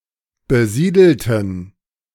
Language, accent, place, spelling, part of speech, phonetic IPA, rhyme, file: German, Germany, Berlin, besiedelten, adjective / verb, [bəˈziːdl̩tn̩], -iːdl̩tn̩, De-besiedelten.ogg
- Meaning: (adjective) inflection of besiedelt: 1. strong genitive masculine/neuter singular 2. weak/mixed genitive/dative all-gender singular 3. strong/weak/mixed accusative masculine singular